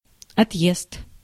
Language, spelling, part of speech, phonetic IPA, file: Russian, отъезд, noun, [ɐtˈjest], Ru-отъезд.ogg
- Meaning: departure